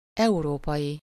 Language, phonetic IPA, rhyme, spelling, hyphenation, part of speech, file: Hungarian, [ˈɛuroːpɒji], -ji, európai, eu‧ró‧pai, adjective / noun, Hu-európai.ogg
- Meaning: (adjective) European; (noun) European (person)